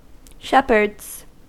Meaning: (noun) plural of shepherd; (verb) third-person singular simple present indicative of shepherd
- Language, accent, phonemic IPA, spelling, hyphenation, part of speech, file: English, US, /ˈʃɛpɚdz/, shepherds, shep‧herds, noun / verb, En-us-shepherds.ogg